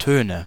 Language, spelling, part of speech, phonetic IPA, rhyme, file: German, Töne, noun, [ˈtøːnə], -øːnə, De-Töne.ogg
- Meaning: nominative/accusative/genitive plural of Ton